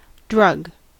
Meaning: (noun) A substance used to treat an illness, relieve a symptom, or modify a chemical process in the body for a specific purpose
- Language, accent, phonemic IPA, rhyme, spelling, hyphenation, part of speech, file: English, US, /ˈdɹʌɡ/, -ʌɡ, drug, drug, noun / verb, En-us-drug.ogg